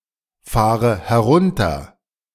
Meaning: inflection of herunterfahren: 1. first-person singular present 2. first/third-person singular subjunctive I 3. singular imperative
- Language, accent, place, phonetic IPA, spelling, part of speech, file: German, Germany, Berlin, [ˌfaːʁə hɛˈʁʊntɐ], fahre herunter, verb, De-fahre herunter.ogg